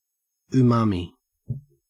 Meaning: One of the five basic tastes, the savory taste of foods such as seaweed, cured fish, aged cheeses and meats
- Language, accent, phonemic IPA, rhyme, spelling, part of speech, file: English, Australia, /uˈmɑːmi/, -ɑːmi, umami, noun, En-au-umami.ogg